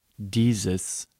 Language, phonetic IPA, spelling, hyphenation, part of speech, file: German, [ˈdiːzəs], dieses, die‧ses, pronoun, De-dieses.ogg
- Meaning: inflection of dieser: 1. nominative/accusative neuter singular 2. genitive masculine/neuter singular